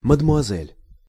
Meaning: alternative form of мадемуазе́ль (madɛmuazɛ́lʹ)
- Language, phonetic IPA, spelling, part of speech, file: Russian, [mədmʊɐˈzɛlʲ], мадмуазель, noun, Ru-мадмуазель.ogg